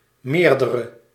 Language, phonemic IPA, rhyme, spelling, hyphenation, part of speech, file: Dutch, /ˈmeːr.də.rə/, -eːrdərə, meerdere, meer‧de‧re, determiner / pronoun / adjective / noun / verb, Nl-meerdere.ogg
- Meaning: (determiner) more, several, multiple; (pronoun) several, multiple; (adjective) inflection of meerder: 1. masculine/feminine singular attributive 2. definite neuter singular attributive